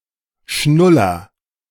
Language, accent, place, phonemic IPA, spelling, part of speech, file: German, Germany, Berlin, /ˈʃnʊlɐ/, Schnuller, noun, De-Schnuller.ogg
- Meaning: pacifier, dummy